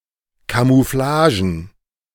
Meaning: plural of Camouflage
- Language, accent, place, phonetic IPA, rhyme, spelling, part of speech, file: German, Germany, Berlin, [kamuˈflaːʒn̩], -aːʒn̩, Camouflagen, noun, De-Camouflagen.ogg